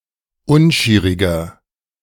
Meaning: 1. comparative degree of unschierig 2. inflection of unschierig: strong/mixed nominative masculine singular 3. inflection of unschierig: strong genitive/dative feminine singular
- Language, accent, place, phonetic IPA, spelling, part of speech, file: German, Germany, Berlin, [ˈʊnˌʃiːʁɪɡɐ], unschieriger, adjective, De-unschieriger.ogg